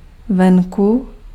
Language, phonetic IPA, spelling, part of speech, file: Czech, [ˈvɛŋku], venku, adverb, Cs-venku.ogg
- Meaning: outside